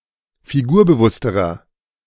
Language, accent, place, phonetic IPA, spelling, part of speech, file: German, Germany, Berlin, [fiˈɡuːɐ̯bəˌvʊstəʁɐ], figurbewussterer, adjective, De-figurbewussterer.ogg
- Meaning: inflection of figurbewusst: 1. strong/mixed nominative masculine singular comparative degree 2. strong genitive/dative feminine singular comparative degree 3. strong genitive plural comparative degree